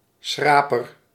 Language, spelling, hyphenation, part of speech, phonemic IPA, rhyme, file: Dutch, schraper, schra‧per, noun, /ˈsxraː.pər/, -aːpər, Nl-schraper.ogg
- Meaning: 1. a scraper (tool) 2. a scrooge, a miser